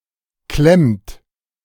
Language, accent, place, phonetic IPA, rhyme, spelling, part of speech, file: German, Germany, Berlin, [klɛmt], -ɛmt, klemmt, verb, De-klemmt.ogg
- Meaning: inflection of klemmen: 1. third-person singular present 2. second-person plural present 3. plural imperative